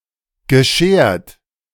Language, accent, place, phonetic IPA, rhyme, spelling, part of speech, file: German, Germany, Berlin, [ɡəˈʃeːɐ̯t], -eːɐ̯t, geschert, adjective / verb, De-geschert.ogg
- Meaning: past participle of scheren